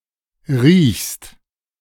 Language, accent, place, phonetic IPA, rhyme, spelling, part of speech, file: German, Germany, Berlin, [ʁiːçst], -iːçst, riechst, verb, De-riechst.ogg
- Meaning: second-person singular present of riechen